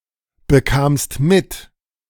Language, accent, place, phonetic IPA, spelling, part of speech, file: German, Germany, Berlin, [bəˌkaːmst ˈmɪt], bekamst mit, verb, De-bekamst mit.ogg
- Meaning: second-person singular preterite of mitbekommen